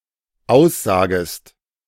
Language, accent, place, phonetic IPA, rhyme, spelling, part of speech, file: German, Germany, Berlin, [ˈaʊ̯sˌzaːɡəst], -aʊ̯szaːɡəst, aussagest, verb, De-aussagest.ogg
- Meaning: second-person singular dependent subjunctive I of aussagen